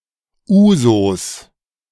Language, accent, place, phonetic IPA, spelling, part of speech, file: German, Germany, Berlin, [ˈuːzos], Ouzos, noun, De-Ouzos.ogg
- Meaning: inflection of Ouzo: 1. genitive singular 2. all-case plural